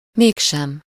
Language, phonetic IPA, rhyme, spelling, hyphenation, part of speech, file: Hungarian, [ˈmeːkʃɛm], -ɛm, mégsem, még‧sem, conjunction, Hu-mégsem.ogg